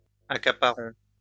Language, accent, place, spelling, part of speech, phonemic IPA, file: French, France, Lyon, accaparons, verb, /a.ka.pa.ʁɔ̃/, LL-Q150 (fra)-accaparons.wav
- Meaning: inflection of accaparer: 1. first-person plural present indicative 2. first-person plural imperative